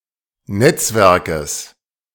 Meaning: genitive singular of Netzwerk
- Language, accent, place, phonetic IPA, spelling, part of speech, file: German, Germany, Berlin, [ˈnɛt͡sˌvɛʁkəs], Netzwerkes, noun, De-Netzwerkes.ogg